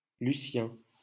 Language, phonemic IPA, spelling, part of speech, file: French, /ly.sjɛ̃/, Lucien, proper noun, LL-Q150 (fra)-Lucien.wav
- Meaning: a male given name, equivalent to English Lucian